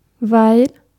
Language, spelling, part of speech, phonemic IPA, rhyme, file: German, weil, conjunction, /vaɪ̯l/, -aɪ̯l, De-weil.ogg
- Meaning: 1. because, given that 2. while, during